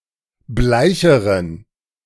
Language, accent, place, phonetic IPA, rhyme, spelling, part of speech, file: German, Germany, Berlin, [ˈblaɪ̯çəʁən], -aɪ̯çəʁən, bleicheren, adjective, De-bleicheren.ogg
- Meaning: inflection of bleich: 1. strong genitive masculine/neuter singular comparative degree 2. weak/mixed genitive/dative all-gender singular comparative degree